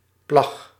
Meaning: 1. a cut-out sod, an excavated flat piece of top soil grown with grasses or heath; in the past used as fuel or roof covering 2. a flat, excavated piece of peat 3. a cloth, a rag
- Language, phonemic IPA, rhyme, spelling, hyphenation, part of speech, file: Dutch, /plɑx/, -ɑx, plag, plag, noun, Nl-plag.ogg